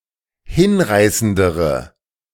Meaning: inflection of hinreißend: 1. strong/mixed nominative/accusative feminine singular comparative degree 2. strong nominative/accusative plural comparative degree
- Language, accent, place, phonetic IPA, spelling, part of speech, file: German, Germany, Berlin, [ˈhɪnˌʁaɪ̯səndəʁə], hinreißendere, adjective, De-hinreißendere.ogg